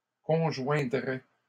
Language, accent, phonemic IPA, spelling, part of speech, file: French, Canada, /kɔ̃.ʒwɛ̃.dʁɛ/, conjoindraient, verb, LL-Q150 (fra)-conjoindraient.wav
- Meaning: third-person plural conditional of conjoindre